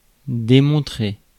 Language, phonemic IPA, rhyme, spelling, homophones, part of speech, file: French, /de.mɔ̃.tʁe/, -e, démontrer, démontrai / démontrais / démontrait / démontré / démontrée / démontrées / démontrés / démontrez, verb, Fr-démontrer.ogg
- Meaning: to prove, to demonstrate